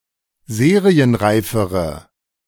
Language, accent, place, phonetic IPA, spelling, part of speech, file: German, Germany, Berlin, [ˈzeːʁiənˌʁaɪ̯fəʁə], serienreifere, adjective, De-serienreifere.ogg
- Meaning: inflection of serienreif: 1. strong/mixed nominative/accusative feminine singular comparative degree 2. strong nominative/accusative plural comparative degree